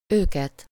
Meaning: accusative of ők (“they”): them (primarily of humans, as the direct object of a verb)
- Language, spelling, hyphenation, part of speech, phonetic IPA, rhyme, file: Hungarian, őket, őket, pronoun, [ˈøːkɛt], -ɛt, Hu-őket.ogg